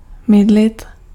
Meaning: to soap (apply soap in washing)
- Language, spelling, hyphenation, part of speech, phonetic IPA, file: Czech, mydlit, myd‧lit, verb, [ˈmɪdlɪt], Cs-mydlit.ogg